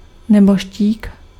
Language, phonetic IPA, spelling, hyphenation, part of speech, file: Czech, [ˈnɛboʃciːk], nebožtík, ne‧bož‧tík, noun, Cs-nebožtík.ogg
- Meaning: deceased (a dead person)